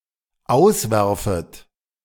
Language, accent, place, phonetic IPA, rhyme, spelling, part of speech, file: German, Germany, Berlin, [ˈaʊ̯sˌvɛʁfət], -aʊ̯svɛʁfət, auswerfet, verb, De-auswerfet.ogg
- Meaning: second-person plural dependent subjunctive I of auswerfen